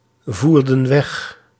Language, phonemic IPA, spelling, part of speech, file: Dutch, /ˈvurdə(n) ˈwɛx/, voerden weg, verb, Nl-voerden weg.ogg
- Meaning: inflection of wegvoeren: 1. plural past indicative 2. plural past subjunctive